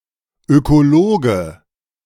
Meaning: ecologist (male or of unspecified gender)
- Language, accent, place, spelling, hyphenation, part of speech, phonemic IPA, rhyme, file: German, Germany, Berlin, Ökologe, Öko‧lo‧ge, noun, /ˌøkoˈloːɡə/, -oːɡə, De-Ökologe.ogg